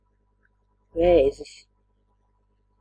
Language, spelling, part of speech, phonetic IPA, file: Latvian, vēzis, noun, [vɛ̂ːzis], Lv-vēzis.ogg
- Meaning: 1. crayfish 2. cancer (disease characterized by uncontrolled cellular growth) 3. plant disease characterized by growths on the trunk or roots